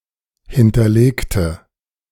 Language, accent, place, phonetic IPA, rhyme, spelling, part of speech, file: German, Germany, Berlin, [ˌhɪntɐˈleːktə], -eːktə, hinterlegte, adjective / verb, De-hinterlegte.ogg
- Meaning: inflection of hinterlegen: 1. first/third-person singular preterite 2. first/third-person singular subjunctive II